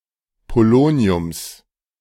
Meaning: genitive singular of Polonium
- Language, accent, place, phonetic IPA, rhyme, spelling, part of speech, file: German, Germany, Berlin, [poˈloːni̯ʊms], -oːni̯ʊms, Poloniums, noun, De-Poloniums.ogg